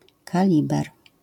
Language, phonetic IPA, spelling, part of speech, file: Polish, [kaˈlʲibɛr], kaliber, noun, LL-Q809 (pol)-kaliber.wav